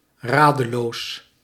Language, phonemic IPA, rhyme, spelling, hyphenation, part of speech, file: Dutch, /ˈraː.də.loːs/, -aːdəloːs, radeloos, ra‧de‧loos, adjective, Nl-radeloos.ogg
- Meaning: 1. desperate, being in dire need of something, and willing to take risks to get it 2. at a loss, being uncertain about something, or lacking something (ideas, direction, ability)